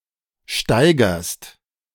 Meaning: second-person singular present of steigern
- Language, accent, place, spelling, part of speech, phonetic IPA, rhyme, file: German, Germany, Berlin, steigerst, verb, [ˈʃtaɪ̯ɡɐst], -aɪ̯ɡɐst, De-steigerst.ogg